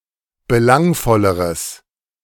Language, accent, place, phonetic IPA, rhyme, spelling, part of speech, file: German, Germany, Berlin, [bəˈlaŋfɔləʁəs], -aŋfɔləʁəs, belangvolleres, adjective, De-belangvolleres.ogg
- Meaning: strong/mixed nominative/accusative neuter singular comparative degree of belangvoll